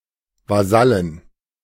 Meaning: inflection of Vasall: 1. genitive/dative/accusative singular 2. plural
- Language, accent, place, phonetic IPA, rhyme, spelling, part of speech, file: German, Germany, Berlin, [vaˈzalən], -alən, Vasallen, noun, De-Vasallen.ogg